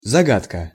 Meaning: 1. riddle, conundrum, puzzle 2. mystery, enigma
- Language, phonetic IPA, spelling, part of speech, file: Russian, [zɐˈɡatkə], загадка, noun, Ru-загадка.ogg